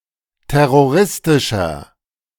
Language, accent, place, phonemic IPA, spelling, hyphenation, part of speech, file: German, Germany, Berlin, /ˌtɛʁoˈʁɪstɪʃɐ/, terroristischer, ter‧ro‧ris‧ti‧scher, adjective, De-terroristischer.ogg
- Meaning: 1. comparative degree of terroristisch 2. inflection of terroristisch: strong/mixed nominative masculine singular 3. inflection of terroristisch: strong genitive/dative feminine singular